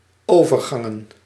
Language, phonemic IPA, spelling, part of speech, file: Dutch, /ˈovərˌɣɑŋə(n)/, overgangen, noun, Nl-overgangen.ogg
- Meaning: plural of overgang